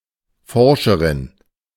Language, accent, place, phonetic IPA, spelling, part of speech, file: German, Germany, Berlin, [ˈfɔʁʃəʁɪn], Forscherin, noun, De-Forscherin.ogg
- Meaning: researcher (female)